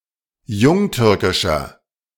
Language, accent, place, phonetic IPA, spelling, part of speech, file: German, Germany, Berlin, [ˈjʊŋˌtʏʁkɪʃɐ], jungtürkischer, adjective, De-jungtürkischer.ogg
- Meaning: inflection of jungtürkisch: 1. strong/mixed nominative masculine singular 2. strong genitive/dative feminine singular 3. strong genitive plural